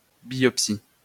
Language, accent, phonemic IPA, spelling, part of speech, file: French, France, /bjɔp.si/, biopsie, noun, LL-Q150 (fra)-biopsie.wav
- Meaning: biopsy